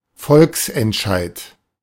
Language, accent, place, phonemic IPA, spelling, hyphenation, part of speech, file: German, Germany, Berlin, /ˈfɔlksʔɛntˌʃaɪ̯t/, Volksentscheid, Volks‧ent‧scheid, noun, De-Volksentscheid.ogg
- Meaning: referendum